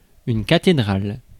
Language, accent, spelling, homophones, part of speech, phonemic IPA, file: French, France, cathédrale, cathédrales, noun, /ka.te.dʁal/, Fr-cathédrale.ogg
- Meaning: cathedral